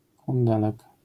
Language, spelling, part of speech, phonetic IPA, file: Polish, kundelek, noun, [kũnˈdɛlɛk], LL-Q809 (pol)-kundelek.wav